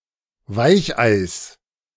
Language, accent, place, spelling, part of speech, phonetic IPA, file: German, Germany, Berlin, Weicheis, noun, [ˈvaɪ̯çʔaɪ̯s], De-Weicheis.ogg
- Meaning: genitive singular of Weichei